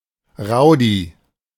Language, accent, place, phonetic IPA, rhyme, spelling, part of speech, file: German, Germany, Berlin, [ˈʁaʊ̯di], -aʊ̯di, Rowdy, noun, De-Rowdy.ogg
- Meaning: rowdy, hooligan